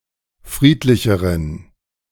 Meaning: inflection of friedlich: 1. strong genitive masculine/neuter singular comparative degree 2. weak/mixed genitive/dative all-gender singular comparative degree
- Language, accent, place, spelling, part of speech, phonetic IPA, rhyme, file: German, Germany, Berlin, friedlicheren, adjective, [ˈfʁiːtlɪçəʁən], -iːtlɪçəʁən, De-friedlicheren.ogg